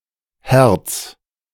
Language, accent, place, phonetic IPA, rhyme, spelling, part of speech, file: German, Germany, Berlin, [hɛʁt͡s], -ɛʁt͡s, herz, verb, De-herz.ogg
- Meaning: 1. singular imperative of herzen 2. first-person singular present of herzen